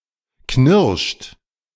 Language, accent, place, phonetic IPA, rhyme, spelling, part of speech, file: German, Germany, Berlin, [knɪʁʃt], -ɪʁʃt, knirscht, verb, De-knirscht.ogg
- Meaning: inflection of knirschen: 1. third-person singular present 2. second-person plural present 3. plural imperative